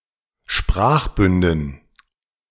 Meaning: dative plural of Sprachbund
- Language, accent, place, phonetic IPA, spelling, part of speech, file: German, Germany, Berlin, [ˈʃpʁaːxˌbʏndn̩], Sprachbünden, noun, De-Sprachbünden.ogg